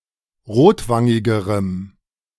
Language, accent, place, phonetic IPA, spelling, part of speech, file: German, Germany, Berlin, [ˈʁoːtˌvaŋɪɡəʁəm], rotwangigerem, adjective, De-rotwangigerem.ogg
- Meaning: strong dative masculine/neuter singular comparative degree of rotwangig